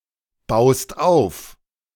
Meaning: second-person singular present of aufbauen
- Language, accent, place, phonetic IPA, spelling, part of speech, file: German, Germany, Berlin, [ˌbaʊ̯st ˈaʊ̯f], baust auf, verb, De-baust auf.ogg